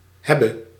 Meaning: singular present subjunctive of hebben
- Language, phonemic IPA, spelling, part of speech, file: Dutch, /ˈɦɛ.bə/, hebbe, verb, Nl-hebbe.ogg